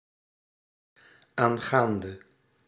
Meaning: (preposition) about, concerning; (verb) inflection of aangaand: 1. masculine/feminine singular attributive 2. definite neuter singular attributive 3. plural attributive
- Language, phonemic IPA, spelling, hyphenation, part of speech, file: Dutch, /ˌaːnˈɣaːn.də/, aangaande, aan‧gaan‧de, preposition / verb, Nl-aangaande.ogg